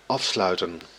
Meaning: 1. to close off, seal 2. to conclude, to end, to terminate
- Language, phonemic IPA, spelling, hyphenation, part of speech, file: Dutch, /ˈɑfslœy̯tə(n)/, afsluiten, af‧slui‧ten, verb, Nl-afsluiten.ogg